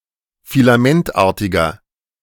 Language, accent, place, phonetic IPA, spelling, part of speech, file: German, Germany, Berlin, [filaˈmɛntˌʔaːɐ̯tɪɡɐ], filamentartiger, adjective, De-filamentartiger.ogg
- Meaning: inflection of filamentartig: 1. strong/mixed nominative masculine singular 2. strong genitive/dative feminine singular 3. strong genitive plural